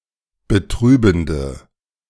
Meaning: inflection of betrübend: 1. strong/mixed nominative/accusative feminine singular 2. strong nominative/accusative plural 3. weak nominative all-gender singular
- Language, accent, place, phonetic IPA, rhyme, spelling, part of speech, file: German, Germany, Berlin, [bəˈtʁyːbn̩də], -yːbn̩də, betrübende, adjective, De-betrübende.ogg